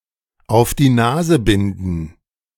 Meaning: to reveal (i.e. a secret)
- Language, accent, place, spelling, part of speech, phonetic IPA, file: German, Germany, Berlin, auf die Nase binden, phrase, [aʊ̯f diː ˈnaːzə ˌbɪndn̩], De-auf die Nase binden.ogg